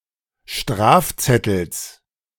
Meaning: genitive singular of Strafzettel
- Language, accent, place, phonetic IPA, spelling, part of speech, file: German, Germany, Berlin, [ˈʃtʁaːfˌt͡sɛtl̩s], Strafzettels, noun, De-Strafzettels.ogg